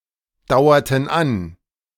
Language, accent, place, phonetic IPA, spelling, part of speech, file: German, Germany, Berlin, [ˌdaʊ̯ɐtn̩ ˈan], dauerten an, verb, De-dauerten an.ogg
- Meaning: inflection of andauern: 1. first/third-person plural preterite 2. first/third-person plural subjunctive II